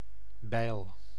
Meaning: axe
- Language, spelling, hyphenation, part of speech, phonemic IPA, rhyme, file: Dutch, bijl, bijl, noun, /bɛi̯l/, -ɛi̯l, Nl-bijl.ogg